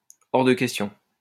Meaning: out of the question!
- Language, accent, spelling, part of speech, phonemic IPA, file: French, France, hors de question, interjection, /ɔʁ də kɛs.tjɔ̃/, LL-Q150 (fra)-hors de question.wav